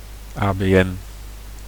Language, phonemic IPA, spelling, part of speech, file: Dutch, /aː.beːˈɛn/, ABN, proper noun, Nl-ABN.ogg
- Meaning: abbreviation of algemeen beschaafd Nederlands (“Standard Dutch”)